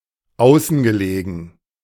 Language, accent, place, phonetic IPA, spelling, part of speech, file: German, Germany, Berlin, [ˈaʊ̯sn̩ɡəˌleːɡn̩], außengelegen, adjective, De-außengelegen.ogg
- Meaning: located outside